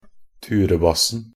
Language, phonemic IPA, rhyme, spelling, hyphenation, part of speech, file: Norwegian Bokmål, /ˈtʉːrəbasːn̩/, -asːn̩, turebassen, tu‧re‧bas‧sen, noun, Nb-turebassen.ogg
- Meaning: definite singular of turebasse